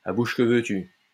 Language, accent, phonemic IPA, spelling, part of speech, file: French, France, /a buʃ kə vø.ty/, à bouche que veux-tu, adverb, LL-Q150 (fra)-à bouche que veux-tu.wav
- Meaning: eagerly, ardently (of kisses, etc.)